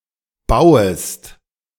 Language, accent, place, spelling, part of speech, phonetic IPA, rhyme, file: German, Germany, Berlin, bauest, verb, [ˈbaʊ̯əst], -aʊ̯əst, De-bauest.ogg
- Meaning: second-person singular subjunctive I of bauen